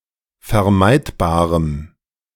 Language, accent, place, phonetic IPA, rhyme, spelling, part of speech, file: German, Germany, Berlin, [fɛɐ̯ˈmaɪ̯tbaːʁəm], -aɪ̯tbaːʁəm, vermeidbarem, adjective, De-vermeidbarem.ogg
- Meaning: strong dative masculine/neuter singular of vermeidbar